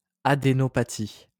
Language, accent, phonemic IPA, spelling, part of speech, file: French, France, /a.de.nɔ.pa.ti/, adénopathie, noun, LL-Q150 (fra)-adénopathie.wav
- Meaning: adenopathy